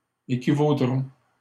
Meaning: third-person plural simple future of équivaloir
- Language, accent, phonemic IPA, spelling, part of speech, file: French, Canada, /e.ki.vo.dʁɔ̃/, équivaudront, verb, LL-Q150 (fra)-équivaudront.wav